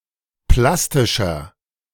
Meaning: 1. comparative degree of plastisch 2. inflection of plastisch: strong/mixed nominative masculine singular 3. inflection of plastisch: strong genitive/dative feminine singular
- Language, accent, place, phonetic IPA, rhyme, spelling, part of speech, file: German, Germany, Berlin, [ˈplastɪʃɐ], -astɪʃɐ, plastischer, adjective, De-plastischer.ogg